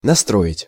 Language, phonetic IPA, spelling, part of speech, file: Russian, [nɐˈstroɪtʲ], настроить, verb, Ru-настроить.ogg
- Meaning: 1. to build 2. to tune (a musical instrument) 3. to tune (a radio or television) 4. to put, to cause to be 5. to incite